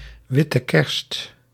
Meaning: white Christmas, snowy Christmas
- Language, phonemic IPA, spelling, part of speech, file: Dutch, /ˈʋɪ.tə ˌkɛrst/, witte kerst, noun, Nl-witte kerst.ogg